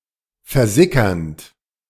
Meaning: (verb) present participle of versickern; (adjective) 1. percolating 2. slowly disappearing
- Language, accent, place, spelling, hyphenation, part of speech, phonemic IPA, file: German, Germany, Berlin, versickernd, ver‧si‧ckernd, verb / adjective, /fɛɐ̯ˈzɪkɐnt/, De-versickernd.ogg